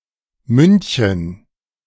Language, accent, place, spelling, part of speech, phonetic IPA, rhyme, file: German, Germany, Berlin, Mündchen, noun, [ˈmʏntçən], -ʏntçən, De-Mündchen.ogg
- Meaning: diminutive of Mund